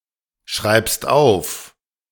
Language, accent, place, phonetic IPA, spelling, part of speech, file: German, Germany, Berlin, [ˌʃʁaɪ̯pst ˈaʊ̯f], schreibst auf, verb, De-schreibst auf.ogg
- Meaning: second-person singular present of aufschreiben